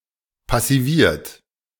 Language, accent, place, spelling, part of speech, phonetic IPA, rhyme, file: German, Germany, Berlin, passiviert, verb, [pasiˈviːɐ̯t], -iːɐ̯t, De-passiviert.ogg
- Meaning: past participle of passivieren - passivated